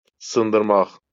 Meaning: to break, to break up, break down (of a device, etc.)
- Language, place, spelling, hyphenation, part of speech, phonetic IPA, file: Azerbaijani, Baku, sındırmaq, sın‧dır‧maq, verb, [sɯndɯrˈmɑχ], LL-Q9292 (aze)-sındırmaq.wav